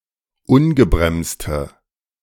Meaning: inflection of ungebremst: 1. strong/mixed nominative/accusative feminine singular 2. strong nominative/accusative plural 3. weak nominative all-gender singular
- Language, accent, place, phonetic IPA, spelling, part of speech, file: German, Germany, Berlin, [ˈʊnɡəbʁɛmstə], ungebremste, adjective, De-ungebremste.ogg